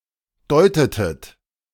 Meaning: inflection of deuten: 1. second-person plural preterite 2. second-person plural subjunctive II
- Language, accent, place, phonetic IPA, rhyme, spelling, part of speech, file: German, Germany, Berlin, [ˈdɔɪ̯tətət], -ɔɪ̯tətət, deutetet, verb, De-deutetet.ogg